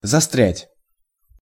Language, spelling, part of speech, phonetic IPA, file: Russian, застрять, verb, [zɐˈstrʲætʲ], Ru-застрять.ogg
- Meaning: to become stuck